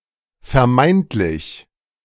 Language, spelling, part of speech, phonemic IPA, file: German, vermeintlich, adjective, /fɛɐ̯ˈmaɪ̯ntlɪç/, De-vermeintlich.oga
- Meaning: 1. supposed, alleged 2. imaginary